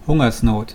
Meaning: famine
- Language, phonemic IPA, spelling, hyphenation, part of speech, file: German, /ˈhʊŋɐsˌnoːt/, Hungersnot, Hun‧gers‧not, noun, De-Hungersnot.wav